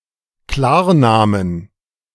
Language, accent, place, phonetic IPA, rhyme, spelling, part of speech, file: German, Germany, Berlin, [ˈklaːɐ̯ˌnaːmən], -aːɐ̯naːmən, Klarnamen, noun, De-Klarnamen.ogg
- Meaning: inflection of Klarname: 1. dative/accusative singular 2. all-case plural